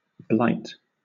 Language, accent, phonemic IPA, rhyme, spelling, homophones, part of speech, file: English, Southern England, /blaɪt/, -aɪt, blight, blite, noun / verb, LL-Q1860 (eng)-blight.wav